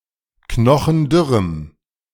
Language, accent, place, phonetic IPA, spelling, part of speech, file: German, Germany, Berlin, [ˈknɔxn̩ˈdʏʁəm], knochendürrem, adjective, De-knochendürrem.ogg
- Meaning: strong dative masculine/neuter singular of knochendürr